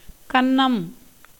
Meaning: 1. cheek 2. ear 3. hole made by burglars in a house-wall 4. crowbar for breaking into a house, jemmy 5. theft, burglary
- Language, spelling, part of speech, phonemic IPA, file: Tamil, கன்னம், noun, /kɐnːɐm/, Ta-கன்னம்.ogg